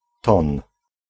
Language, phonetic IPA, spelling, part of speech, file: Polish, [tɔ̃n], ton, noun, Pl-ton.ogg